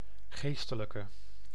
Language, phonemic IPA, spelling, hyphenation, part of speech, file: Dutch, /ˈɣestələkə/, geestelijke, gees‧te‧lij‧ke, noun / adjective, Nl-geestelijke.ogg
- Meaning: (adjective) inflection of geestelijk: 1. masculine/feminine singular attributive 2. definite neuter singular attributive 3. plural attributive